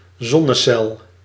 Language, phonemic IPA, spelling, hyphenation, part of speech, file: Dutch, /ˈzɔnəˌsɛl/, zonnecel, zon‧ne‧cel, noun, Nl-zonnecel.ogg
- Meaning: solar cell (semiconductor device)